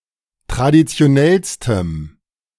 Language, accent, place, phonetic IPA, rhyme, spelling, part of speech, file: German, Germany, Berlin, [tʁadit͡si̯oˈnɛlstəm], -ɛlstəm, traditionellstem, adjective, De-traditionellstem.ogg
- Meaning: strong dative masculine/neuter singular superlative degree of traditionell